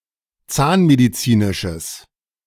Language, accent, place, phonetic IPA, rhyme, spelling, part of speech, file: German, Germany, Berlin, [ˈt͡saːnmediˌt͡siːnɪʃəs], -aːnmedit͡siːnɪʃəs, zahnmedizinisches, adjective, De-zahnmedizinisches.ogg
- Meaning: strong/mixed nominative/accusative neuter singular of zahnmedizinisch